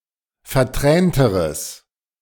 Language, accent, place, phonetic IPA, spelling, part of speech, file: German, Germany, Berlin, [fɛɐ̯ˈtʁɛːntəʁəs], vertränteres, adjective, De-vertränteres.ogg
- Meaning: strong/mixed nominative/accusative neuter singular comparative degree of vertränt